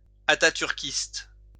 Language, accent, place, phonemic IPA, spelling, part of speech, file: French, France, Lyon, /a.ta.tyʁ.kist/, ataturkiste, adjective, LL-Q150 (fra)-ataturkiste.wav
- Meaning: Ataturkist